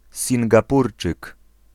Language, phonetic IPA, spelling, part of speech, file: Polish, [ˌsʲĩŋɡaˈpurt͡ʃɨk], Singapurczyk, noun, Pl-Singapurczyk.ogg